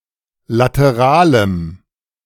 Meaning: strong dative masculine/neuter singular of lateral
- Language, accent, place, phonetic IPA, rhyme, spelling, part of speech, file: German, Germany, Berlin, [ˌlatəˈʁaːləm], -aːləm, lateralem, adjective, De-lateralem.ogg